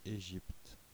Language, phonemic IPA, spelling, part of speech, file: French, /e.ʒipt/, Égypte, proper noun, Fr-Égypte.oga
- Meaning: Egypt (a country in North Africa and West Asia)